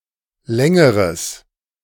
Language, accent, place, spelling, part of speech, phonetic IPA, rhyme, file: German, Germany, Berlin, längeres, adjective, [ˈlɛŋəʁəs], -ɛŋəʁəs, De-längeres.ogg
- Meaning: strong/mixed nominative/accusative neuter singular comparative degree of lang